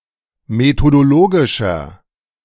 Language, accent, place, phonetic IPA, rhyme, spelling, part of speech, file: German, Germany, Berlin, [metodoˈloːɡɪʃɐ], -oːɡɪʃɐ, methodologischer, adjective, De-methodologischer.ogg
- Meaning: inflection of methodologisch: 1. strong/mixed nominative masculine singular 2. strong genitive/dative feminine singular 3. strong genitive plural